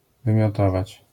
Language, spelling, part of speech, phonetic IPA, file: Polish, wymiotować, verb, [ˌvɨ̃mʲjɔˈtɔvat͡ɕ], LL-Q809 (pol)-wymiotować.wav